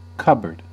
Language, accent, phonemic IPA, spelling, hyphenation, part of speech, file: English, General American, /ˈkʌbəɹd/, cupboard, cup‧board, noun / verb, En-us-cupboard.ogg
- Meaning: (noun) 1. A board or table used to openly hold and display silver plate and other dishware; a sideboard; a buffet 2. Things displayed on a sideboard; dishware, particularly valuable plate